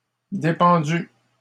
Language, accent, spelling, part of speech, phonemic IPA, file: French, Canada, dépendue, verb, /de.pɑ̃.dy/, LL-Q150 (fra)-dépendue.wav
- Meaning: feminine singular of dépendu